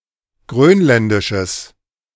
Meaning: strong/mixed nominative/accusative neuter singular of grönländisch
- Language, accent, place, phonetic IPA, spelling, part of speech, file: German, Germany, Berlin, [ˈɡʁøːnˌlɛndɪʃəs], grönländisches, adjective, De-grönländisches.ogg